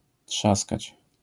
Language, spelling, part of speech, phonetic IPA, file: Polish, trzaskać, verb, [ˈṭʃaskat͡ɕ], LL-Q809 (pol)-trzaskać.wav